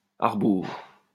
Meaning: backwards, the wrong way; against the grain
- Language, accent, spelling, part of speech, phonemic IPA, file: French, France, à rebours, adverb, /a ʁ(ə).buʁ/, LL-Q150 (fra)-à rebours.wav